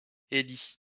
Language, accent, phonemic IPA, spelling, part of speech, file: French, France, /e.li/, Élie, proper noun, LL-Q150 (fra)-Élie.wav
- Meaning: 1. Elijah (prophet) 2. a male given name